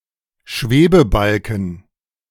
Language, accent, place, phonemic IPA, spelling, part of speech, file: German, Germany, Berlin, /ˈʃveːbəˌbalkn̩/, Schwebebalken, noun, De-Schwebebalken.ogg
- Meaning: balance beam